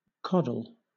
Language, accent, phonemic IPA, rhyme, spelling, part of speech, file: English, Southern England, /ˈkɒd.əl/, -ɒdəl, coddle, verb / noun, LL-Q1860 (eng)-coddle.wav
- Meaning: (verb) 1. To treat gently or with great care 2. To cook slowly in hot water that is below the boiling point 3. To exercise excessive or damaging authority in an attempt to protect. To overprotect